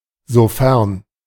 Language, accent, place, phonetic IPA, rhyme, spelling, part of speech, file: German, Germany, Berlin, [zoˈfɛʁn], -ɛʁn, sofern, conjunction, De-sofern.ogg
- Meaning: provided (that), if